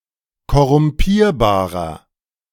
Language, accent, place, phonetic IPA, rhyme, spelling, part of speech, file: German, Germany, Berlin, [kɔʁʊmˈpiːɐ̯baːʁɐ], -iːɐ̯baːʁɐ, korrumpierbarer, adjective, De-korrumpierbarer.ogg
- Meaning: 1. comparative degree of korrumpierbar 2. inflection of korrumpierbar: strong/mixed nominative masculine singular 3. inflection of korrumpierbar: strong genitive/dative feminine singular